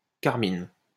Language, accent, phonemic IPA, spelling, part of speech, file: French, France, /kaʁ.min/, carmine, verb, LL-Q150 (fra)-carmine.wav
- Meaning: inflection of carminer: 1. first/third-person singular present indicative/subjunctive 2. second-person singular imperative